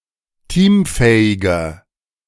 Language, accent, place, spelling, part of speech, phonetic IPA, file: German, Germany, Berlin, teamfähiger, adjective, [ˈtiːmˌfɛːɪɡɐ], De-teamfähiger.ogg
- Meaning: 1. comparative degree of teamfähig 2. inflection of teamfähig: strong/mixed nominative masculine singular 3. inflection of teamfähig: strong genitive/dative feminine singular